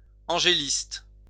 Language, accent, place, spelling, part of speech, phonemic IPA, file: French, France, Lyon, angéliste, noun, /ɑ̃.ʒe.list/, LL-Q150 (fra)-angéliste.wav
- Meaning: angelist